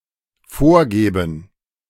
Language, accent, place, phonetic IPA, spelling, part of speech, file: German, Germany, Berlin, [ˈfoːɐ̯ˌɡɛːbn̩], vorgäben, verb, De-vorgäben.ogg
- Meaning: first/third-person plural dependent subjunctive II of vorgeben